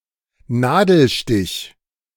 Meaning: 1. stitch 2. pinprick
- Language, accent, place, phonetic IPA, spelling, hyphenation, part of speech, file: German, Germany, Berlin, [ˈnaːdl̩ˌʃtɪç], Nadelstich, Na‧del‧stich, noun, De-Nadelstich.ogg